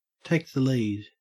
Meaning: 1. To become the leader, to advance into first place 2. To assume leadership over a group
- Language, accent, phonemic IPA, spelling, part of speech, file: English, Australia, /ˌteɪk ðə ˈliːd/, take the lead, verb, En-au-take the lead.ogg